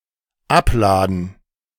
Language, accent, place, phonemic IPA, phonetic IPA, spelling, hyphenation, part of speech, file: German, Germany, Berlin, /ˈapˌlaːdən/, [ˈʔapˌlaːdn̩], abladen, ab‧la‧den, verb, De-abladen.ogg
- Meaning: to unload: 1. to put away or down the freight 2. to empty by put away the freight from the inner of